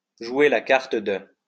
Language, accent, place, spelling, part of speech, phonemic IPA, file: French, France, Lyon, jouer la carte de, verb, /ʒwe la kaʁ.t(ə) də/, LL-Q150 (fra)-jouer la carte de.wav
- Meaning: to play the … card